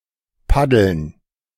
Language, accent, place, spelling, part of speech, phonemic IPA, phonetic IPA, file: German, Germany, Berlin, paddeln, verb, /ˈpadəln/, [ˈpadl̩n], De-paddeln.ogg
- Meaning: 1. to paddle (propel a canoe) 2. to make floundering or twitchy movements (especially in water); to paddle; to swim clumsily (like a dog); to keep oneself afloat by moving one's arms up and down